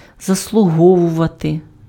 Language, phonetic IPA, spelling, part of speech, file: Ukrainian, [zɐsɫʊˈɦɔwʊʋɐte], заслуговувати, verb, Uk-заслуговувати.ogg
- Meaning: to deserve, to merit, to be worthy of, to earn (followed by genitive case or на (na) + accusative)